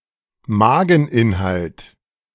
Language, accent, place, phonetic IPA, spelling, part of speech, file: German, Germany, Berlin, [ˈmaːɡŋ̍ˌʔɪnhalt], Mageninhalt, noun, De-Mageninhalt.ogg
- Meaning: stomach contents